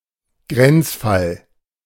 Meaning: borderline case
- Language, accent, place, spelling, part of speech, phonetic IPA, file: German, Germany, Berlin, Grenzfall, noun, [ˈɡʁɛntsfal], De-Grenzfall.ogg